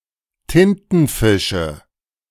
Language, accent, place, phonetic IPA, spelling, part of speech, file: German, Germany, Berlin, [ˈtɪntn̩ˌfɪʃə], Tintenfische, noun, De-Tintenfische.ogg
- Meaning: nominative/accusative/genitive plural of Tintenfisch